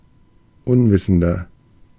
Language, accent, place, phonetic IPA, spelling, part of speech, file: German, Germany, Berlin, [ˈʊnˌvɪsn̩dɐ], unwissender, adjective, De-unwissender.ogg
- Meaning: 1. comparative degree of unwissend 2. inflection of unwissend: strong/mixed nominative masculine singular 3. inflection of unwissend: strong genitive/dative feminine singular